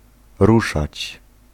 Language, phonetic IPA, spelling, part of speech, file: Polish, [ˈruʃat͡ɕ], ruszać, verb, Pl-ruszać.ogg